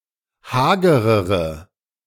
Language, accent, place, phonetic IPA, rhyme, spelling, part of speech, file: German, Germany, Berlin, [ˈhaːɡəʁəʁə], -aːɡəʁəʁə, hagerere, adjective, De-hagerere.ogg
- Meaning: inflection of hager: 1. strong/mixed nominative/accusative feminine singular comparative degree 2. strong nominative/accusative plural comparative degree